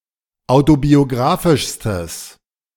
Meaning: strong/mixed nominative/accusative neuter singular superlative degree of autobiografisch
- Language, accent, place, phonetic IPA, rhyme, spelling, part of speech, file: German, Germany, Berlin, [ˌaʊ̯tobioˈɡʁaːfɪʃstəs], -aːfɪʃstəs, autobiografischstes, adjective, De-autobiografischstes.ogg